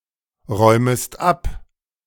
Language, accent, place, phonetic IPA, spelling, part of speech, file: German, Germany, Berlin, [ˌʁɔɪ̯məst ˈap], räumest ab, verb, De-räumest ab.ogg
- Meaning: second-person singular subjunctive I of abräumen